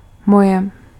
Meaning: inflection of můj: 1. nominative feminine/neuter singular/plural 2. accusative neuter singular 3. inanimate nominative masculine plural 4. accusative masculine/feminine/neuter plural
- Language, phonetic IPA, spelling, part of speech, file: Czech, [ˈmojɛ], moje, pronoun, Cs-moje.ogg